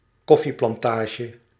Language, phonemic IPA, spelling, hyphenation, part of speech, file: Dutch, /ˈkɔ.fi.plɑnˌtaː.ʒə/, koffieplantage, kof‧fie‧plan‧ta‧ge, noun, Nl-koffieplantage.ogg
- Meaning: coffee plantation